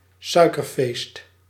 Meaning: Eid al-Fitr; the religious celebration at the end of Ramadan, on the first day of the tenth month of the Muslim lunar calendar
- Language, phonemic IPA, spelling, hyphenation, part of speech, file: Dutch, /ˈsœy̯.kərˌfeːst/, Suikerfeest, Sui‧ker‧feest, proper noun, Nl-Suikerfeest.ogg